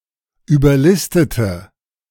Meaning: inflection of überlisten: 1. first/third-person singular preterite 2. first/third-person singular subjunctive II
- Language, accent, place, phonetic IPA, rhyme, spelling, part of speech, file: German, Germany, Berlin, [yːbɐˈlɪstətə], -ɪstətə, überlistete, adjective / verb, De-überlistete.ogg